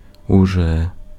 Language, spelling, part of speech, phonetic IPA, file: Ukrainian, уже, adverb, [ʊˈʒɛ], Uk-уже.ogg
- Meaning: already